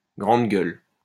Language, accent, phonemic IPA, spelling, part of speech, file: French, France, /ɡʁɑ̃d ɡœl/, grande gueule, noun, LL-Q150 (fra)-grande gueule.wav
- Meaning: bigmouth, blowhard